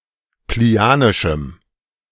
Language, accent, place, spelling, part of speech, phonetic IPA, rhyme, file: German, Germany, Berlin, plinianischem, adjective, [pliˈni̯aːnɪʃm̩], -aːnɪʃm̩, De-plinianischem.ogg
- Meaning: strong dative masculine/neuter singular of plinianisch